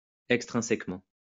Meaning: extrinsically
- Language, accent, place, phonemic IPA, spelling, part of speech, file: French, France, Lyon, /ɛk.stʁɛ̃.sɛk.mɑ̃/, extrinsèquement, adverb, LL-Q150 (fra)-extrinsèquement.wav